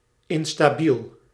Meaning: unstable
- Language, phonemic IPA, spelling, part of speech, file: Dutch, /ɪnstaˈbil/, instabiel, adjective, Nl-instabiel.ogg